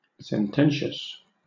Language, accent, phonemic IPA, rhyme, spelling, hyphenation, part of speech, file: English, Southern England, /sɛnˈtɛn.ʃəs/, -ɛnʃəs, sententious, sen‧ten‧tious, adjective, LL-Q1860 (eng)-sententious.wav
- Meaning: 1. Using as few words as possible; pithy and concise 2. Tending to the frequent use aphorisms or maxims; especially, in a manner that is affected, trite or self-righteous 3. Full of meaning